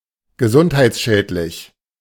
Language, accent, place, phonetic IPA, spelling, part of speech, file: German, Germany, Berlin, [ɡəˈzʊnthaɪ̯t͡sˌʃɛːtlɪç], gesundheitsschädlich, adjective, De-gesundheitsschädlich.ogg
- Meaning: unhealthy, harmful, deleterious (to health)